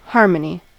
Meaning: 1. Agreement or accord 2. A pleasing combination of elements, or arrangement of sounds 3. The academic study of chords 4. Two or more notes played simultaneously to produce a chord
- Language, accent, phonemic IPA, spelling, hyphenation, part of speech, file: English, US, /ˈhɑ̟ɹ.mə.ni/, harmony, har‧mon‧y, noun, En-us-harmony.ogg